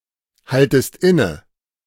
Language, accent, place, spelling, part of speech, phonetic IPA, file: German, Germany, Berlin, haltest inne, verb, [ˌhaltəst ˈɪnə], De-haltest inne.ogg
- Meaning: second-person singular subjunctive I of innehalten